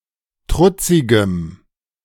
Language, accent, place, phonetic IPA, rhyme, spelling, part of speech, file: German, Germany, Berlin, [ˈtʁʊt͡sɪɡəm], -ʊt͡sɪɡəm, trutzigem, adjective, De-trutzigem.ogg
- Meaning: strong dative masculine/neuter singular of trutzig